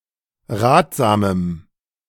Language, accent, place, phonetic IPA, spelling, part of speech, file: German, Germany, Berlin, [ˈʁaːtz̥aːməm], ratsamem, adjective, De-ratsamem.ogg
- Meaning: strong dative masculine/neuter singular of ratsam